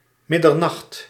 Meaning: midnight
- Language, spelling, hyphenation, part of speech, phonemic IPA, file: Dutch, middernacht, mid‧der‧nacht, noun, /ˈmɪdərˌnɑxt/, Nl-middernacht.ogg